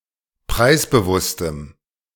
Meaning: strong dative masculine/neuter singular of preisbewusst
- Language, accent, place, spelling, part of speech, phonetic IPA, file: German, Germany, Berlin, preisbewusstem, adjective, [ˈpʁaɪ̯sbəˌvʊstəm], De-preisbewusstem.ogg